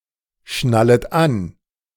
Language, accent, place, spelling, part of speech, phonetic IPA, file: German, Germany, Berlin, schnallet an, verb, [ˌʃnalət ˈan], De-schnallet an.ogg
- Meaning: second-person plural subjunctive I of anschnallen